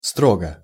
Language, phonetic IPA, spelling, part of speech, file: Russian, [ˈstroɡə], строго, adverb / adjective, Ru-строго.ogg
- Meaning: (adverb) rigorously, strictly, strongly, pronouncedly, religiously, definitely; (adjective) short neuter singular of стро́гий (strógij)